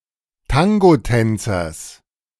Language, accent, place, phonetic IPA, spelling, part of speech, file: German, Germany, Berlin, [ˈtaŋɡoˌtɛnt͡sɐs], Tangotänzers, noun, De-Tangotänzers.ogg
- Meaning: genitive singular of Tangotänzer